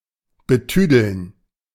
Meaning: to condescend, to patronise, to treat as less than adult
- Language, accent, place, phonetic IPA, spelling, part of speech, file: German, Germany, Berlin, [bəˈtyːdl̩n], betüdeln, verb, De-betüdeln.ogg